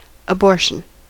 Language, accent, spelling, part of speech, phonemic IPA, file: English, US, abortion, noun, /əˈbɔɹ.ʃn̩/, En-us-abortion.ogg
- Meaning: The expulsion from the womb of a foetus or embryo before it is fully developed, with loss of the foetus.: 1. A spontaneous abortion; a miscarriage 2. An induced abortion